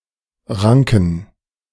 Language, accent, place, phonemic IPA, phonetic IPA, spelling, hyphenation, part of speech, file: German, Germany, Berlin, /ˈʁaŋkən/, [ˈʁaŋkŋ̩], ranken, ran‧ken, verb / adjective, De-ranken.ogg
- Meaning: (verb) 1. to grow in tendrils (of plants like ivy) 2. to be told (of stories, myths, etc.); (adjective) inflection of rank: strong genitive masculine/neuter singular